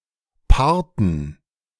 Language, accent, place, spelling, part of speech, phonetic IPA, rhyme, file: German, Germany, Berlin, Parten, noun, [ˈpaʁtn̩], -aʁtn̩, De-Parten.ogg
- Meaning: dative plural of Part